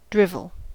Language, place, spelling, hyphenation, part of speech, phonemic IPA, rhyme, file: English, California, drivel, driv‧el, noun / verb, /dɹɪv.əl/, -ɪvəl, En-us-drivel.ogg
- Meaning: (noun) 1. Nonsense; senseless talk 2. Saliva, drool; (verb) 1. To talk nonsense; to talk senselessly; to drool 2. To have saliva drip from the mouth 3. To be weak or foolish; to dote